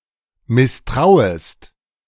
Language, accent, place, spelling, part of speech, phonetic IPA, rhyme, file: German, Germany, Berlin, misstrauest, verb, [mɪsˈtʁaʊ̯əst], -aʊ̯əst, De-misstrauest.ogg
- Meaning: second-person singular subjunctive I of misstrauen